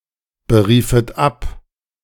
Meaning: second-person plural subjunctive II of abberufen
- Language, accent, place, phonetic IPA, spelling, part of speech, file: German, Germany, Berlin, [bəˌʁiːfət ˈap], beriefet ab, verb, De-beriefet ab.ogg